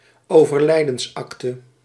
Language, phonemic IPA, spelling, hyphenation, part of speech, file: Dutch, /oː.vərˈlɛi̯.dənsˌɑk.tə/, overlijdensakte, over‧lij‧dens‧ak‧te, noun, Nl-overlijdensakte.ogg
- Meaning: death certificate